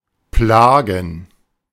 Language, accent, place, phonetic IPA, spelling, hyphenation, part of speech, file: German, Germany, Berlin, [ˈplaːɡn̩], plagen, pla‧gen, verb, De-plagen.ogg
- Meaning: to plague